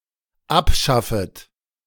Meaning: second-person plural dependent subjunctive I of abschaffen
- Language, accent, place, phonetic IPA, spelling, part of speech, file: German, Germany, Berlin, [ˈapˌʃafət], abschaffet, verb, De-abschaffet.ogg